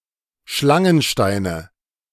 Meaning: nominative/accusative/genitive plural of Schlangenstein
- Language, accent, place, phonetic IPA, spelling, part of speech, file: German, Germany, Berlin, [ˈʃlaŋənˌʃtaɪ̯nə], Schlangensteine, noun, De-Schlangensteine.ogg